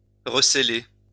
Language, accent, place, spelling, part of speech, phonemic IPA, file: French, France, Lyon, recéler, verb, /ʁə.se.le/, LL-Q150 (fra)-recéler.wav
- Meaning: alternative form of receler